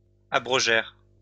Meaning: third-person plural past historic of abroger
- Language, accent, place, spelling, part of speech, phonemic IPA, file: French, France, Lyon, abrogèrent, verb, /a.bʁɔ.ʒɛʁ/, LL-Q150 (fra)-abrogèrent.wav